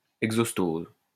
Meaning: exostosis
- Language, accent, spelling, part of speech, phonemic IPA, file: French, France, exostose, noun, /ɛɡ.zɔs.toz/, LL-Q150 (fra)-exostose.wav